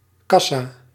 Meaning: 1. cash desk, checkout 2. box office, booking office 3. cash register, till
- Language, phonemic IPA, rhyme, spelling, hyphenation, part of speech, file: Dutch, /ˈkɑ.saː/, -ɑsaː, kassa, kas‧sa, noun, Nl-kassa.ogg